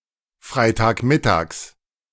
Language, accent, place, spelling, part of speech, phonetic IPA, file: German, Germany, Berlin, Freitagmittags, noun, [ˈfʁaɪ̯taːkˌmɪtaːks], De-Freitagmittags.ogg
- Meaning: genitive of Freitagmittag